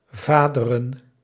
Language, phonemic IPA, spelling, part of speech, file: Dutch, /ˈvaː.də.rə(n)/, vaderen, noun, Nl-vaderen.ogg
- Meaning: plural of vader